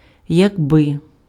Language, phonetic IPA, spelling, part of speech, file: Ukrainian, [jɐɡˈbɪ], якби, conjunction, Uk-якби.ogg
- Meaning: if, if only; introduces an unreal conditional; different from якщо